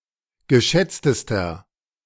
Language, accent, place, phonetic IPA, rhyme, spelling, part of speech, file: German, Germany, Berlin, [ɡəˈʃɛt͡stəstɐ], -ɛt͡stəstɐ, geschätztester, adjective, De-geschätztester.ogg
- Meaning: inflection of geschätzt: 1. strong/mixed nominative masculine singular superlative degree 2. strong genitive/dative feminine singular superlative degree 3. strong genitive plural superlative degree